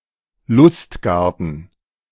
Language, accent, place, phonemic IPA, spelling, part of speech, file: German, Germany, Berlin, /ˈlʊstˌɡaʁtn̩/, Lustgarten, noun, De-Lustgarten.ogg
- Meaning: pleasure garden